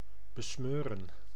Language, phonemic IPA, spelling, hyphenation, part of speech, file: Dutch, /bəˈsmøːrə(n)/, besmeuren, be‧smeu‧ren, verb, Nl-besmeuren.ogg
- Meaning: to besmear, to stain, to soil, to dirty